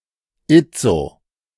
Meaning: alternative form of jetzt
- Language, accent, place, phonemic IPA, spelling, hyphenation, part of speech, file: German, Germany, Berlin, /ˈɪt͡so/, itzo, it‧zo, adverb, De-itzo.ogg